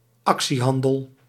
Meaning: stock brokerage; trade in shares
- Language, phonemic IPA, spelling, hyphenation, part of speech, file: Dutch, /ˈɑk.siˌɦɑn.dəl/, actiehandel, ac‧tie‧han‧del, noun, Nl-actiehandel.ogg